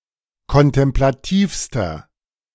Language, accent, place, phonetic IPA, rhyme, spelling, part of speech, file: German, Germany, Berlin, [kɔntɛmplaˈtiːfstɐ], -iːfstɐ, kontemplativster, adjective, De-kontemplativster.ogg
- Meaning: inflection of kontemplativ: 1. strong/mixed nominative masculine singular superlative degree 2. strong genitive/dative feminine singular superlative degree 3. strong genitive plural superlative degree